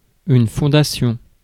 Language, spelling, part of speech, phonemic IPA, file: French, fondation, noun, /fɔ̃.da.sjɔ̃/, Fr-fondation.ogg
- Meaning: 1. foundation (act of founding) 2. foundation 3. foundation (endowed institution or charity)